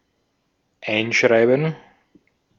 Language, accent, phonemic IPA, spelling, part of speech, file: German, Austria, /ˈaɪ̯nˌʃʁaɪ̯bn̩/, Einschreiben, noun, De-at-Einschreiben.ogg
- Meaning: registered mail